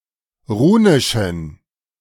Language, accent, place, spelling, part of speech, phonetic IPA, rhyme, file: German, Germany, Berlin, runischen, adjective, [ˈʁuːnɪʃn̩], -uːnɪʃn̩, De-runischen.ogg
- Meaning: inflection of runisch: 1. strong genitive masculine/neuter singular 2. weak/mixed genitive/dative all-gender singular 3. strong/weak/mixed accusative masculine singular 4. strong dative plural